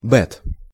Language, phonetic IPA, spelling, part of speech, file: Russian, [ˈbɛt], бет, noun, Ru-бет.ogg
- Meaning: genitive plural of бе́та (bɛ́ta)